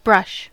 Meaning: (noun) An implement consisting of multiple more or less flexible bristles or other filaments attached to a handle, used for any of various purposes including cleaning, painting, and arranging hair
- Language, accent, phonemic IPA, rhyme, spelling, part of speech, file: English, General American, /bɹʌʃ/, -ʌʃ, brush, noun / verb, En-us-brush.ogg